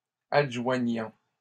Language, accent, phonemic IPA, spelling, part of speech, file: French, Canada, /ad.ʒwa.ɲɑ̃/, adjoignant, verb, LL-Q150 (fra)-adjoignant.wav
- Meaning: present participle of adjoindre